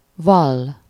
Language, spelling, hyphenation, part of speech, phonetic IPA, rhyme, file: Hungarian, vall, vall, verb, [ˈvɒlː], -ɒlː, Hu-vall.ogg
- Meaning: To confess, to admit.: 1. To testify, to bear witness 2. to plead (innocent or guilty) (used with -nak/-nek)